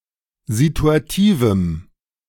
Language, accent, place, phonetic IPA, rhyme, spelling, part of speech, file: German, Germany, Berlin, [zituaˈtiːvm̩], -iːvm̩, situativem, adjective, De-situativem.ogg
- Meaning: strong dative masculine/neuter singular of situativ